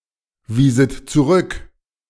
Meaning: second-person plural subjunctive II of zurückweisen
- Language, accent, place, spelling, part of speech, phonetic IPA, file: German, Germany, Berlin, wieset zurück, verb, [ˌviːzət t͡suˈʁʏk], De-wieset zurück.ogg